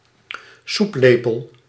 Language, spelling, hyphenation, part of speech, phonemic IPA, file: Dutch, soeplepel, soep‧le‧pel, noun, /ˈsupˌleː.pəl/, Nl-soeplepel.ogg
- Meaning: 1. soupspoon (spoon for eating soup) 2. ladle (spoon for serving soup)